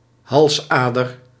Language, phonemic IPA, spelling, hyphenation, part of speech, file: Dutch, /ˈɦɑlsˌaː.dər/, halsader, hals‧ader, noun, Nl-halsader.ogg
- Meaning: a jugular vein